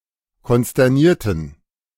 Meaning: inflection of konsterniert: 1. strong genitive masculine/neuter singular 2. weak/mixed genitive/dative all-gender singular 3. strong/weak/mixed accusative masculine singular 4. strong dative plural
- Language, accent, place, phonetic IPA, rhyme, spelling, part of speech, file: German, Germany, Berlin, [kɔnstɛʁˈniːɐ̯tn̩], -iːɐ̯tn̩, konsternierten, adjective / verb, De-konsternierten.ogg